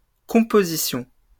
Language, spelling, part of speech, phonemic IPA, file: French, compositions, noun, /kɔ̃.po.zi.sjɔ̃/, LL-Q150 (fra)-compositions.wav
- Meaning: plural of composition